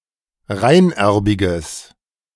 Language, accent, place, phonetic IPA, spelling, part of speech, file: German, Germany, Berlin, [ˈʁaɪ̯nˌʔɛʁbɪɡəs], reinerbiges, adjective, De-reinerbiges.ogg
- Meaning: strong/mixed nominative/accusative neuter singular of reinerbig